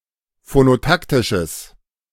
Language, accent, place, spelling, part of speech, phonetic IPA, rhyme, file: German, Germany, Berlin, phonotaktisches, adjective, [fonoˈtaktɪʃəs], -aktɪʃəs, De-phonotaktisches.ogg
- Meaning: strong/mixed nominative/accusative neuter singular of phonotaktisch